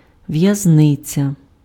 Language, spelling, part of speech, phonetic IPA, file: Ukrainian, в'язниця, noun, [ʋjɐzˈnɪt͡sʲɐ], Uk-в'язниця.ogg
- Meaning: prison, jail